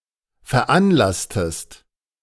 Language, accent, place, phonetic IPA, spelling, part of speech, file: German, Germany, Berlin, [fɛɐ̯ˈʔanˌlastəst], veranlasstest, verb, De-veranlasstest.ogg
- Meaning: inflection of veranlassen: 1. second-person singular preterite 2. second-person singular subjunctive II